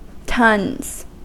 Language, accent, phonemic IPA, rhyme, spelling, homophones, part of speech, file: English, US, /tʌnz/, -ʌnz, tons, tonnes / tuns, noun, En-us-tons.ogg
- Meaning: 1. plural of ton 2. Lots; large quantities or numbers (of people or things)